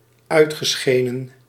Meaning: past participle of uitschijnen
- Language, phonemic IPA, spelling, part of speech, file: Dutch, /ˈœytxəsxenə(n)/, uitgeschenen, verb, Nl-uitgeschenen.ogg